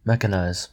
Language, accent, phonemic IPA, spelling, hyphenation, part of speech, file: English, US, /ˈmɛkənaɪz/, mechanize, mech‧an‧ize, verb, En-us-mechanize.ogg
- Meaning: 1. To equip something with machinery 2. To equip a military unit with tanks and other armed vehicles 3. To make something routine, automatic or monotonous